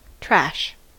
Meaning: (noun) 1. Useless physical things to be discarded; rubbish; refuse 2. A container into which things are discarded 3. Something worthless or of poor quality
- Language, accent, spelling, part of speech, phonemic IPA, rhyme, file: English, US, trash, noun / verb, /tɹæʃ/, -æʃ, En-us-trash.ogg